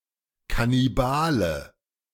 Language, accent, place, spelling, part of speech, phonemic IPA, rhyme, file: German, Germany, Berlin, Kannibale, noun, /kaniˈbaːlə/, -aːlə, De-Kannibale.ogg
- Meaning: cannibal